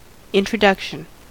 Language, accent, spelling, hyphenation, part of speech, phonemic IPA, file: English, US, introduction, in‧tro‧duc‧tion, noun, /ˌɪntɹəˈdʌkʃn̩/, En-us-introduction.ogg
- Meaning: 1. The act or process of introducing 2. A means, such as a personal letter, of presenting one person to another 3. An initial section of a book or article, which introduces the subject material